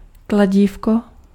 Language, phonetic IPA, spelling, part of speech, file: Czech, [ˈklaɟiːfko], kladívko, noun, Cs-kladívko.ogg
- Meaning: 1. diminutive of kladivo 2. malleus